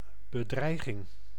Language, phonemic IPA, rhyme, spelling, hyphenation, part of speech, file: Dutch, /bəˈdrɛi̯.ɣɪŋ/, -ɛi̯ɣɪŋ, bedreiging, be‧drei‧ging, noun, Nl-bedreiging.ogg
- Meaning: 1. threat, menace (something that poses a risk) 2. threat, menace (that which expresses a threat)